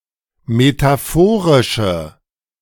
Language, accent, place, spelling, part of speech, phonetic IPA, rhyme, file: German, Germany, Berlin, metaphorische, adjective, [metaˈfoːʁɪʃə], -oːʁɪʃə, De-metaphorische.ogg
- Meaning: inflection of metaphorisch: 1. strong/mixed nominative/accusative feminine singular 2. strong nominative/accusative plural 3. weak nominative all-gender singular